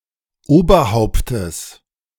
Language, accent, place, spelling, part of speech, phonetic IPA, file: German, Germany, Berlin, Oberhauptes, noun, [ˈoːbɐˌhaʊ̯ptəs], De-Oberhauptes.ogg
- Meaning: genitive singular of Oberhaupt